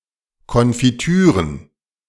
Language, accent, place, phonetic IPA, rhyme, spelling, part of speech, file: German, Germany, Berlin, [ˌkɔnfiˈtyːʁən], -yːʁən, Konfitüren, noun, De-Konfitüren.ogg
- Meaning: plural of Konfitüre